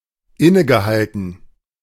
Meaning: past participle of innehalten
- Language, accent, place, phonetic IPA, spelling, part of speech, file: German, Germany, Berlin, [ˈɪnəɡəˌhaltn̩], innegehalten, verb, De-innegehalten.ogg